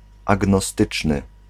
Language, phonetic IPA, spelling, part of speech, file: Polish, [ˌaɡnɔˈstɨt͡ʃnɨ], agnostyczny, adjective, Pl-agnostyczny.ogg